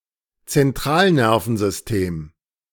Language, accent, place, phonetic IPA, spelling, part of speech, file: German, Germany, Berlin, [t͡sɛnˈtʁaːlˌnɛʁfn̩zʏsteːm], Zentralnervensystem, noun, De-Zentralnervensystem.ogg
- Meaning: central nervous system